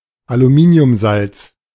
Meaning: aluminium salt
- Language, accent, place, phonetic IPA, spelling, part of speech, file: German, Germany, Berlin, [aluˈmiːni̯ʊmˌzalt͡s], Aluminiumsalz, noun, De-Aluminiumsalz.ogg